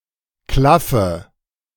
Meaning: inflection of klaffen: 1. first-person singular present 2. first/third-person singular subjunctive I 3. singular imperative
- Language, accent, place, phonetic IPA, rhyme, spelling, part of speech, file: German, Germany, Berlin, [ˈklafə], -afə, klaffe, verb, De-klaffe.ogg